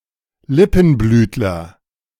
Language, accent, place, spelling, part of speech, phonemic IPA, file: German, Germany, Berlin, Lippenblütler, noun, /ˈlɪpn̩ˌblyːtlɐ/, De-Lippenblütler.ogg
- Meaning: a plant of the labiate family